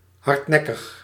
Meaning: 1. stubborn, stiffnecked 2. persistent, lasting
- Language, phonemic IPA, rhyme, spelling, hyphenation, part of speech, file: Dutch, /ˌɦɑrtˈnɛ.kəx/, -ɛkəx, hardnekkig, hard‧nek‧kig, adjective, Nl-hardnekkig.ogg